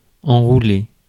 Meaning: 1. to wind, curl (around) 2. to hide (to remove from display) 3. to make out with, to score with, to get off with (to kiss someone)
- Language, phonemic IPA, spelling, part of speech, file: French, /ɑ̃.ʁu.le/, enrouler, verb, Fr-enrouler.ogg